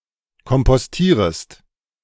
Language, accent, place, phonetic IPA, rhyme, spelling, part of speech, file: German, Germany, Berlin, [kɔmpɔsˈtiːʁəst], -iːʁəst, kompostierest, verb, De-kompostierest.ogg
- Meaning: second-person singular subjunctive I of kompostieren